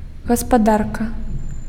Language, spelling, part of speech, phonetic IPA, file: Belarusian, гаспадарка, noun, [ɣaspaˈdarka], Be-гаспадарка.ogg
- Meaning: 1. economy 2. household 3. hostess, female host